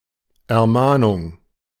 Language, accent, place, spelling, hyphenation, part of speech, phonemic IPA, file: German, Germany, Berlin, Ermahnung, Er‧mah‧nung, noun, /ɛɐ̯ˈmaːnʊŋ/, De-Ermahnung.ogg
- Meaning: admonition